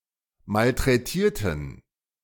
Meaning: inflection of malträtieren: 1. first/third-person plural preterite 2. first/third-person plural subjunctive II
- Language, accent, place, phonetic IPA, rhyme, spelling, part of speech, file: German, Germany, Berlin, [maltʁɛˈtiːɐ̯tn̩], -iːɐ̯tn̩, malträtierten, adjective / verb, De-malträtierten.ogg